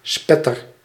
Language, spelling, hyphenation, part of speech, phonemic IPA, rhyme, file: Dutch, spetter, spet‧ter, noun / verb, /ˈspɛ.tər/, -ɛtər, Nl-spetter.ogg
- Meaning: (noun) 1. a splatter, splash or drop (of a fluid) 2. an attractive man, a hottie; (verb) inflection of spetteren: first-person singular present indicative